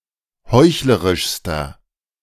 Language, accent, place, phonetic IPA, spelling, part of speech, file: German, Germany, Berlin, [ˈhɔɪ̯çləʁɪʃstɐ], heuchlerischster, adjective, De-heuchlerischster.ogg
- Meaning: inflection of heuchlerisch: 1. strong/mixed nominative masculine singular superlative degree 2. strong genitive/dative feminine singular superlative degree 3. strong genitive plural superlative degree